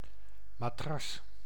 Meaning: 1. a mattress (a firm pad on which a person can recline and sleep) 2. a technical bedding or padding to protect something
- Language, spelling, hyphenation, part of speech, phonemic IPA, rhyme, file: Dutch, matras, ma‧tras, noun, /maːˈtrɑs/, -ɑs, Nl-matras.ogg